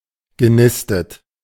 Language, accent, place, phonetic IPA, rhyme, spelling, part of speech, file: German, Germany, Berlin, [ɡəˈnɪstət], -ɪstət, genistet, verb, De-genistet.ogg
- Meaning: past participle of nisten